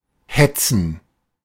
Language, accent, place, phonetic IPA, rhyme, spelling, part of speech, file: German, Germany, Berlin, [ˈhɛt͡sn̩], -ɛt͡sn̩, hetzen, verb, De-hetzen.ogg
- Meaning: 1. to chase; to pursue 2. to sic, to set upon 3. to agitate 4. to be in a hurry, to hustle